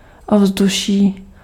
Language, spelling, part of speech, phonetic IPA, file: Czech, ovzduší, noun, [ˈovzduʃiː], Cs-ovzduší.ogg
- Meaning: atmosphere (gases surrounding the Earth)